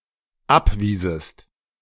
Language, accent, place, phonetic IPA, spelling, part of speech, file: German, Germany, Berlin, [ˈapˌviːzəst], abwiesest, verb, De-abwiesest.ogg
- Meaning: second-person singular dependent subjunctive II of abweisen